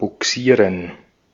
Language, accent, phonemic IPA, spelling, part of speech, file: German, Austria, /buˈksiːrən/, bugsieren, verb, De-at-bugsieren.ogg
- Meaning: 1. to tow a ship 2. to put something in a place; to move something